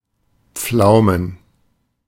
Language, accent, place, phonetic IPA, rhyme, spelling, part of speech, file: German, Germany, Berlin, [ˈp͡flaʊ̯mən], -aʊ̯mən, Pflaumen, noun, De-Pflaumen.ogg
- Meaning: plural of Pflaume (“plums”)